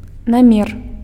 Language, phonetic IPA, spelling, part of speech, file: Belarusian, [naˈmʲer], намер, noun, Be-намер.ogg
- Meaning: intention, aim